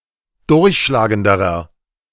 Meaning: inflection of durchschlagend: 1. strong/mixed nominative masculine singular comparative degree 2. strong genitive/dative feminine singular comparative degree
- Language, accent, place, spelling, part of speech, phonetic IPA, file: German, Germany, Berlin, durchschlagenderer, adjective, [ˈdʊʁçʃlaːɡəndəʁɐ], De-durchschlagenderer.ogg